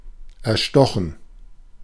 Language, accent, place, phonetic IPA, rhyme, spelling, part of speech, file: German, Germany, Berlin, [ɛɐ̯ˈʃtɔxn̩], -ɔxn̩, erstochen, verb, De-erstochen.ogg
- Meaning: past participle of erstechen